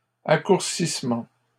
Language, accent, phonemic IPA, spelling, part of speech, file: French, Canada, /a.kuʁ.sis.mɑ̃/, accourcissement, noun, LL-Q150 (fra)-accourcissement.wav
- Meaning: shortening